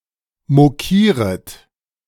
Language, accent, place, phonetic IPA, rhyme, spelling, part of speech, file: German, Germany, Berlin, [moˈkiːʁət], -iːʁət, mokieret, verb, De-mokieret.ogg
- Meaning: second-person plural subjunctive I of mokieren